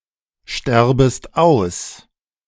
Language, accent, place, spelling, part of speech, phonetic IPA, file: German, Germany, Berlin, sterbest aus, verb, [ˌʃtɛʁbəst ˈaʊ̯s], De-sterbest aus.ogg
- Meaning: second-person singular subjunctive I of aussterben